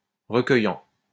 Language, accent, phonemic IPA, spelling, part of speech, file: French, France, /ʁə.kœ.jɑ̃/, recueillant, verb, LL-Q150 (fra)-recueillant.wav
- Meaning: present participle of recueillir